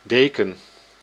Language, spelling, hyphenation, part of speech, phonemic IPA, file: Dutch, deken, de‧ken, noun, /ˈdeːkə(n)/, Nl-deken.ogg
- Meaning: 1. a blanket, warm textile cover 2. a blanket, covering layer 3. the permanent flooring of a fishery vessel